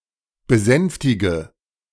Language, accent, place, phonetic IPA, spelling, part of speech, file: German, Germany, Berlin, [bəˈzɛnftɪɡə], besänftige, verb, De-besänftige.ogg
- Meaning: inflection of besänftigen: 1. first-person singular present 2. singular imperative 3. first/third-person singular subjunctive I